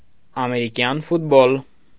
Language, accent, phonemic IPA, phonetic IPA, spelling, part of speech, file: Armenian, Eastern Armenian, /ɑmeɾiˈkjɑn futˈbol/, [ɑmeɾikjɑ́n futból], ամերիկյան ֆուտբոլ, noun, Hy-ամերիկյան ֆուտբոլ.ogg
- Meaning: American football